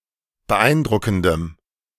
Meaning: strong dative masculine/neuter singular of beeindruckend
- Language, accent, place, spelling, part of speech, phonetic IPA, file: German, Germany, Berlin, beeindruckendem, adjective, [bəˈʔaɪ̯nˌdʁʊkn̩dəm], De-beeindruckendem.ogg